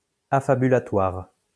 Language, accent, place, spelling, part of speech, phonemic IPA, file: French, France, Lyon, affabulatoire, adjective, /a.fa.by.la.twaʁ/, LL-Q150 (fra)-affabulatoire.wav
- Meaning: affabulatory